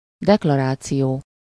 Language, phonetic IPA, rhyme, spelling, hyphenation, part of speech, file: Hungarian, [ˈdɛklɒraːt͡sijoː], -joː, deklaráció, dek‧la‧rá‧ció, noun, Hu-deklaráció.ogg
- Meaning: declaration